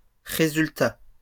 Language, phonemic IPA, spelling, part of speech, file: French, /ʁe.zyl.ta/, résultats, noun, LL-Q150 (fra)-résultats.wav
- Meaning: plural of résultat; results